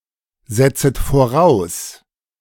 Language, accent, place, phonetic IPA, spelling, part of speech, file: German, Germany, Berlin, [ˌzɛt͡sət foˈʁaʊ̯s], setzet voraus, verb, De-setzet voraus.ogg
- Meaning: second-person plural subjunctive I of voraussetzen